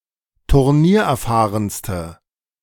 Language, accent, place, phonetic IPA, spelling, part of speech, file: German, Germany, Berlin, [tʊʁˈniːɐ̯ʔɛɐ̯ˌfaːʁənstə], turniererfahrenste, adjective, De-turniererfahrenste.ogg
- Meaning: inflection of turniererfahren: 1. strong/mixed nominative/accusative feminine singular superlative degree 2. strong nominative/accusative plural superlative degree